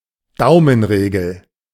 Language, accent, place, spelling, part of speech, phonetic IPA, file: German, Germany, Berlin, Daumenregel, noun, [ˈdaʊ̯mənˌʁeːɡl̩], De-Daumenregel.ogg
- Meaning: rule of thumb